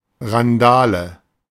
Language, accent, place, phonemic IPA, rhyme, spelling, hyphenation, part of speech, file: German, Germany, Berlin, /ʁanˈdaːlə/, -aːlə, Randale, Ran‧da‧le, noun, De-Randale.ogg
- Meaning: tumult; riot (loud and unrestrained behaviour by one or more people, often with property damage, sometimes also bodily harm)